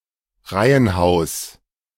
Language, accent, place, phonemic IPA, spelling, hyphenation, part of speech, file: German, Germany, Berlin, /ˈʁaɪ̯ənˌhaʊ̯s/, Reihenhaus, Rei‧hen‧haus, noun, De-Reihenhaus.ogg
- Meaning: terraced house, townhouse, row house (type of house which shares both sidewalls with the adjacent houses)